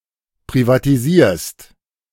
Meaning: second-person singular present of privatisieren
- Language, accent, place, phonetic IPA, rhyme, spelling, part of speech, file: German, Germany, Berlin, [pʁivatiˈziːɐ̯st], -iːɐ̯st, privatisierst, verb, De-privatisierst.ogg